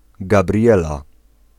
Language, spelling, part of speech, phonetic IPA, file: Polish, Gabriela, proper noun / noun, [ɡaˈbrʲjɛla], Pl-Gabriela.ogg